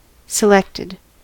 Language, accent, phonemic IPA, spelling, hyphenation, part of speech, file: English, US, /sɪˈlɛktɪd/, selected, se‧lect‧ed, adjective / verb, En-us-selected.ogg
- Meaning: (adjective) That have been selected or chosen; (verb) simple past and past participle of select